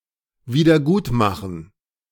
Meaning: to repair, to recompense, to make up for
- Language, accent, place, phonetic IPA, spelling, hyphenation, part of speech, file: German, Germany, Berlin, [viːdɐˈɡuːtˌmaxən], wiedergutmachen, wie‧der‧gut‧ma‧chen, verb, De-wiedergutmachen.ogg